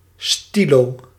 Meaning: ballpoint pen, biro
- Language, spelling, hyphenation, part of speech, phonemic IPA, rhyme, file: Dutch, stylo, sty‧lo, noun, /stiˈloː/, -oː, Nl-stylo.ogg